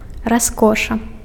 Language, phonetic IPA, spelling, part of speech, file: Belarusian, [raˈskoʂa], раскоша, noun, Be-раскоша.ogg
- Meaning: luxury, splendour, magnificence